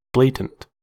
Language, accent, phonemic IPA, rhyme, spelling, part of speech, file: English, US, /ˈbleɪtənt/, -eɪtənt, blatant, adjective, En-us-blatant.ogg
- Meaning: 1. Obvious, on show; unashamed; loudly obtrusive or offensive 2. Bellowing; disagreeably clamorous; sounding loudly and harshly